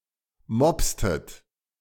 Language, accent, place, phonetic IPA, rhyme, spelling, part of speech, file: German, Germany, Berlin, [ˈmɔpstət], -ɔpstət, mopstet, verb, De-mopstet.ogg
- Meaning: inflection of mopsen: 1. second-person plural preterite 2. second-person plural subjunctive II